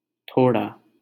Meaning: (adjective) some, a little; small (amount of); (adverb) emphasised negation; not the case
- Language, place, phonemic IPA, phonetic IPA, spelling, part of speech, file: Hindi, Delhi, /t̪ʰoː.ɽɑː/, [t̪ʰoː.ɽäː], थोड़ा, adjective / adverb, LL-Q1568 (hin)-थोड़ा.wav